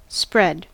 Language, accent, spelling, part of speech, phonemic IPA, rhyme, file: English, US, spread, verb / noun, /spɹɛd/, -ɛd, En-us-spread.ogg
- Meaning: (verb) To stretch out, open out (a material etc.) so that it more fully covers a given area of space